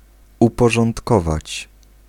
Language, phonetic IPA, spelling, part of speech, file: Polish, [ˌupɔʒɔ̃ntˈkɔvat͡ɕ], uporządkować, verb, Pl-uporządkować.ogg